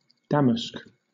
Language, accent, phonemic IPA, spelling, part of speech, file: English, Southern England, /ˈdæm.əsk/, damask, noun / adjective / verb, LL-Q1860 (eng)-damask.wav
- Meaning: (noun) 1. An ornate silk fabric originating from Damascus 2. Linen so woven that a pattern is produced by the different directions of the thread, without contrast of colour